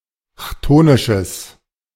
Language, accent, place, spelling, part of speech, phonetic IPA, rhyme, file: German, Germany, Berlin, chthonisches, adjective, [ˈçtoːnɪʃəs], -oːnɪʃəs, De-chthonisches.ogg
- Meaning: strong/mixed nominative/accusative neuter singular of chthonisch